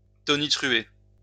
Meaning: 1. to thunder, crack (make a sound like thunder) 2. to thunder (scream loudly and harshly)
- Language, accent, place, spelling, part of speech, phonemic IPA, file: French, France, Lyon, tonitruer, verb, /tɔ.ni.tʁy.e/, LL-Q150 (fra)-tonitruer.wav